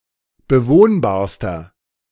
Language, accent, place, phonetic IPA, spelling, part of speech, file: German, Germany, Berlin, [bəˈvoːnbaːɐ̯stɐ], bewohnbarster, adjective, De-bewohnbarster.ogg
- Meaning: inflection of bewohnbar: 1. strong/mixed nominative masculine singular superlative degree 2. strong genitive/dative feminine singular superlative degree 3. strong genitive plural superlative degree